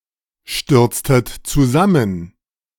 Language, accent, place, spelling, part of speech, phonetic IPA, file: German, Germany, Berlin, stürztet zusammen, verb, [ˌʃtʏʁt͡stət t͡suˈzamən], De-stürztet zusammen.ogg
- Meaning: inflection of zusammenstürzen: 1. second-person plural preterite 2. second-person plural subjunctive II